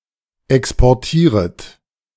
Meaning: second-person plural subjunctive I of exportieren
- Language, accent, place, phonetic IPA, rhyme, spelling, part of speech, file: German, Germany, Berlin, [ˌɛkspɔʁˈtiːʁət], -iːʁət, exportieret, verb, De-exportieret.ogg